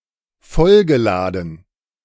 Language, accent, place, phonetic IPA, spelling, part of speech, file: German, Germany, Berlin, [ˈfɔlɡəˌlaːdn̩], vollgeladen, verb, De-vollgeladen.ogg
- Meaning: past participle of vollladen